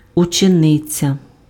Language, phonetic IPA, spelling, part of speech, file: Ukrainian, [ʊt͡ʃeˈnɪt͡sʲɐ], учениця, noun, Uk-учениця.ogg
- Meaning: 1. female pupil, student 2. disciple (active follower or adherent of someone, female)